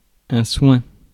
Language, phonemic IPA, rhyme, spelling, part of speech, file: French, /swɛ̃/, -wɛ̃, soin, noun, Fr-soin.ogg
- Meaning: care